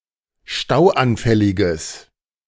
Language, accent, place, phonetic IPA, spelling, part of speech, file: German, Germany, Berlin, [ˈʃtaʊ̯ʔanˌfɛlɪɡəs], stauanfälliges, adjective, De-stauanfälliges.ogg
- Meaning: strong/mixed nominative/accusative neuter singular of stauanfällig